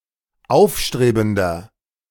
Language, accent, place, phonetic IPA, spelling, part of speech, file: German, Germany, Berlin, [ˈaʊ̯fˌʃtʁeːbn̩dɐ], aufstrebender, adjective, De-aufstrebender.ogg
- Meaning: 1. comparative degree of aufstrebend 2. inflection of aufstrebend: strong/mixed nominative masculine singular 3. inflection of aufstrebend: strong genitive/dative feminine singular